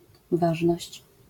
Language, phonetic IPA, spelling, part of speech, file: Polish, [ˈvaʒnɔɕt͡ɕ], ważność, noun, LL-Q809 (pol)-ważność.wav